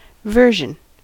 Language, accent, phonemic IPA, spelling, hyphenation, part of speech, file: English, US, /ˈvɝʒən/, version, ver‧sion, noun / verb, En-us-version.ogg
- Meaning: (noun) 1. A specific form or variation of something 2. A translation from one language to another 3. A school exercise, generally of composition in a foreign language